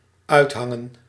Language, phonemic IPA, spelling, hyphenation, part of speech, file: Dutch, /ˈœy̯tˌɦɑ.ŋə(n)/, uithangen, uit‧han‧gen, verb, Nl-uithangen.ogg
- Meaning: 1. to hang out 2. to hang around, to be (in a place) 3. to act like, to behave like